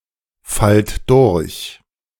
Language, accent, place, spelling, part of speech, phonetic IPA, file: German, Germany, Berlin, fallt durch, verb, [ˌfalt ˈdʊʁç], De-fallt durch.ogg
- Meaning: inflection of durchfallen: 1. second-person plural present 2. plural imperative